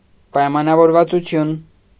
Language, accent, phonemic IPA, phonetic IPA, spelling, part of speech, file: Armenian, Eastern Armenian, /pɑjmɑnɑvoɾvɑt͡suˈtʰjun/, [pɑjmɑnɑvoɾvɑt͡sut͡sʰjún], պայմանավորվածություն, noun, Hy-պայմանավորվածություն.ogg
- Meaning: agreement, arrangement